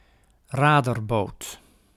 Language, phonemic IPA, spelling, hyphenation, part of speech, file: Dutch, /ˈraː.dərˌboːt/, raderboot, ra‧der‧boot, noun, Nl-raderboot.ogg
- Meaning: paddle steamer